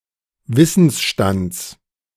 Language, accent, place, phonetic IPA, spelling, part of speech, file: German, Germany, Berlin, [ˈvɪsn̩sˌʃtant͡s], Wissensstands, noun, De-Wissensstands.ogg
- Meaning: genitive singular of Wissensstand